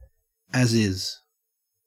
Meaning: as it is; in its present unchangeable state or condition, especially as a contractual condition and obligation of sale or agreement compliance
- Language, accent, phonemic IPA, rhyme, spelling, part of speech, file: English, Australia, /æzˈɪz/, -ɪz, as is, adjective, En-au-as is.ogg